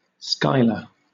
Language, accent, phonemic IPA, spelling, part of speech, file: English, Southern England, /ˈskaɪ.lə/, Schuyler, proper noun, LL-Q1860 (eng)-Schuyler.wav
- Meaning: 1. An American surname from Dutch [in turn originating as an occupation] 2. A unisex given name transferred from the surname [in turn from Dutch], of 19th century and later usage